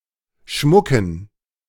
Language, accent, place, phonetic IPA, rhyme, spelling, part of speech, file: German, Germany, Berlin, [ˈʃmʊkn̩], -ʊkn̩, Schmucken, noun, De-Schmucken.ogg
- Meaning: dative plural of Schmuck